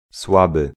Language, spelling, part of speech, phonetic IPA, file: Polish, słaby, adjective, [ˈswabɨ], Pl-słaby.ogg